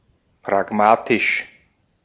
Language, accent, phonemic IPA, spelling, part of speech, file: German, Austria, /pʁaˈɡmaːtɪʃ/, pragmatisch, adjective, De-at-pragmatisch.ogg
- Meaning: pragmatic